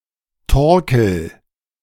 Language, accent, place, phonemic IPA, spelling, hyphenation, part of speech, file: German, Germany, Berlin, /ˈtɔʁkl̩/, Torkel, Tor‧kel, noun, De-Torkel.ogg
- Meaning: winepress